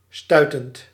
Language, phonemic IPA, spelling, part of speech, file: Dutch, /ˈstœytənt/, stuitend, adjective / verb, Nl-stuitend.ogg
- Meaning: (adjective) obnoxious; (verb) present participle of stuiten